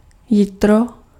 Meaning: 1. early morning 2. old unit of measurement of land
- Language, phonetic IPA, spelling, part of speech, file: Czech, [ˈjɪtro], jitro, noun, Cs-jitro.ogg